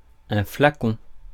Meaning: vial, flacon
- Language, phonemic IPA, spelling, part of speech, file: French, /fla.kɔ̃/, flacon, noun, Fr-flacon.ogg